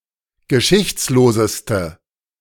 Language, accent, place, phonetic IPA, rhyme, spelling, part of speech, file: German, Germany, Berlin, [ɡəˈʃɪçt͡sloːzəstə], -ɪçt͡sloːzəstə, geschichtsloseste, adjective, De-geschichtsloseste.ogg
- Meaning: inflection of geschichtslos: 1. strong/mixed nominative/accusative feminine singular superlative degree 2. strong nominative/accusative plural superlative degree